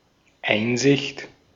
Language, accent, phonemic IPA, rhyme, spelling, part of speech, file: German, Austria, /ˈaɪ̯nzɪçt/, -ɪçt, Einsicht, noun, De-at-Einsicht.ogg
- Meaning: 1. insight (power of acute observation and deduction, that can see through to a solution) 2. a view, a look (into e.g. a room)